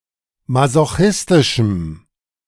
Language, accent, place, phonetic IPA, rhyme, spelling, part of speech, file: German, Germany, Berlin, [mazoˈxɪstɪʃm̩], -ɪstɪʃm̩, masochistischem, adjective, De-masochistischem.ogg
- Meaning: strong dative masculine/neuter singular of masochistisch